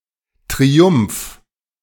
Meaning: triumph
- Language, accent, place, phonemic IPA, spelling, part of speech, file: German, Germany, Berlin, /triˈum(p)f/, Triumph, noun, De-Triumph.ogg